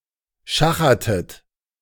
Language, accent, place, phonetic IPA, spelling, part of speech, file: German, Germany, Berlin, [ˈʃaxɐtət], schachertet, verb, De-schachertet.ogg
- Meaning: inflection of schachern: 1. second-person plural preterite 2. second-person plural subjunctive II